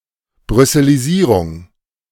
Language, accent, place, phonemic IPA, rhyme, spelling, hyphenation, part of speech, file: German, Germany, Berlin, /ˌbʁʏsəliˈziːʁʊŋ/, -iːʁʊŋ, Brüsselisierung, Brüs‧se‧li‧sie‧rung, noun, De-Brüsselisierung.ogg
- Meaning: brusselization